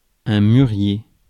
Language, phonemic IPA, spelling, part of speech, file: French, /my.ʁje/, mûrier, noun, Fr-mûrier.ogg
- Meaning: mulberry (tree)